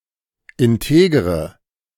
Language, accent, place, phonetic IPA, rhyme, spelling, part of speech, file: German, Germany, Berlin, [ɪnˈteːɡəʁə], -eːɡəʁə, integere, adjective, De-integere.ogg
- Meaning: inflection of integer: 1. strong/mixed nominative/accusative feminine singular 2. strong nominative/accusative plural 3. weak nominative all-gender singular 4. weak accusative feminine/neuter singular